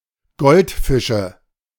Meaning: nominative/accusative/genitive plural of Goldfisch
- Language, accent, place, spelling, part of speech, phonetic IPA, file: German, Germany, Berlin, Goldfische, noun, [ˈɡɔltfɪʃə], De-Goldfische.ogg